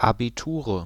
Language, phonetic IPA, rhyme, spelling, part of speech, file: German, [ˌabiˈtuːʁə], -uːʁə, Abiture, noun, De-Abiture.ogg
- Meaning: nominative/accusative/genitive plural of Abitur